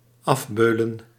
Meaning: 1. to exhaust, to tire out 2. to torment, to torture
- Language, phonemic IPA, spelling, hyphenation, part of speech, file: Dutch, /ˈɑfˌbøː.lə(n)/, afbeulen, af‧beu‧len, verb, Nl-afbeulen.ogg